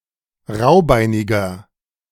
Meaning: 1. comparative degree of raubeinig 2. inflection of raubeinig: strong/mixed nominative masculine singular 3. inflection of raubeinig: strong genitive/dative feminine singular
- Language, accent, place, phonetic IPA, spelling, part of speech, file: German, Germany, Berlin, [ˈʁaʊ̯ˌbaɪ̯nɪɡɐ], raubeiniger, adjective, De-raubeiniger.ogg